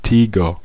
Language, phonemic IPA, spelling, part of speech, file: German, /ˈtiːɡɐ/, Tiger, noun, De-Tiger.ogg
- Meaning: tiger